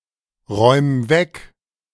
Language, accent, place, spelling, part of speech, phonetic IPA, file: German, Germany, Berlin, räum weg, verb, [ˌʁɔɪ̯m ˈvɛk], De-räum weg.ogg
- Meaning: 1. singular imperative of wegräumen 2. first-person singular present of wegräumen